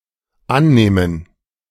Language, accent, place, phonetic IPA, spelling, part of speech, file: German, Germany, Berlin, [ˈanˌnɛːmən], annähmen, verb, De-annähmen.ogg
- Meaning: first/third-person plural dependent subjunctive II of annehmen